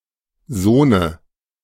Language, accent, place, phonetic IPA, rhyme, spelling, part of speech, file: German, Germany, Berlin, [ˈzoːnə], -oːnə, Sohne, noun, De-Sohne.ogg
- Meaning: dative of Sohn